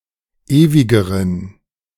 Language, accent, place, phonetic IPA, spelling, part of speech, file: German, Germany, Berlin, [ˈeːvɪɡəʁən], ewigeren, adjective, De-ewigeren.ogg
- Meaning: inflection of ewig: 1. strong genitive masculine/neuter singular comparative degree 2. weak/mixed genitive/dative all-gender singular comparative degree